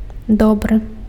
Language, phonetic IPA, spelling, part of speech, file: Belarusian, [ˈdobrɨ], добры, adjective, Be-добры.ogg
- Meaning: good